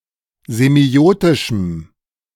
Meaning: strong dative masculine/neuter singular of semiotisch
- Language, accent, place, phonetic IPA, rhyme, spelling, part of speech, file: German, Germany, Berlin, [zeˈmi̯oːtɪʃm̩], -oːtɪʃm̩, semiotischem, adjective, De-semiotischem.ogg